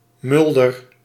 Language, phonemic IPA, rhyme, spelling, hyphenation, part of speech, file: Dutch, /ˈmʏl.dər/, -ʏldər, mulder, mul‧der, noun, Nl-mulder.ogg
- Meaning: a miller